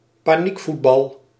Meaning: 1. thoughtless, panicked football play 2. any thoughtless, panicked behaviour
- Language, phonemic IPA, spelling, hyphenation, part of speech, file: Dutch, /paːˈnikˌfut.bɑl/, paniekvoetbal, pa‧niek‧voet‧bal, noun, Nl-paniekvoetbal.ogg